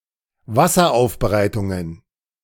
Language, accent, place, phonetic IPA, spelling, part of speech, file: German, Germany, Berlin, [ˈvasɐˌʔaʊ̯fbəʁaɪ̯tʊŋən], Wasseraufbereitungen, noun, De-Wasseraufbereitungen.ogg
- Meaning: plural of Wasseraufbereitung